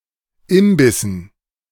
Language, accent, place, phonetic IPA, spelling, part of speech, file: German, Germany, Berlin, [ˈɪmbɪsn̩], Imbissen, noun, De-Imbissen.ogg
- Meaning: dative plural of Imbiss